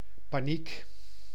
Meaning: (noun) panic
- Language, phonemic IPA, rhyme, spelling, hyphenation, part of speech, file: Dutch, /paːˈnik/, -ik, paniek, pa‧niek, noun / adjective, Nl-paniek.ogg